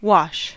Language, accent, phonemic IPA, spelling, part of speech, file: English, US, /wɑʃ/, wash, verb / noun, En-us-wash.ogg
- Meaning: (verb) 1. To clean with water 2. To carry away or erode by the force of water in motion 3. To be eroded or carried away by the action of water 4. To clean oneself with water